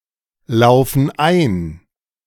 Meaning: inflection of einlaufen: 1. first/third-person plural present 2. first/third-person plural subjunctive I
- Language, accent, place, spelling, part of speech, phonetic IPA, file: German, Germany, Berlin, laufen ein, verb, [ˌlaʊ̯fn̩ ˈaɪ̯n], De-laufen ein.ogg